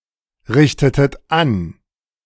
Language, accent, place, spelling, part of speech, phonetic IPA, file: German, Germany, Berlin, richtetet an, verb, [ˌʁɪçtətət ˈan], De-richtetet an.ogg
- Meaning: inflection of anrichten: 1. second-person plural preterite 2. second-person plural subjunctive II